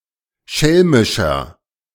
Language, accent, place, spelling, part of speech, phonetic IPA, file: German, Germany, Berlin, schelmischer, adjective, [ˈʃɛlmɪʃɐ], De-schelmischer.ogg
- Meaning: 1. comparative degree of schelmisch 2. inflection of schelmisch: strong/mixed nominative masculine singular 3. inflection of schelmisch: strong genitive/dative feminine singular